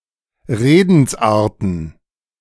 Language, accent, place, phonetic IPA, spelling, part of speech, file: German, Germany, Berlin, [ˈʁeːdn̩sʔaːɐ̯tn̩], Redensarten, noun, De-Redensarten.ogg
- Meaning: plural of Redensart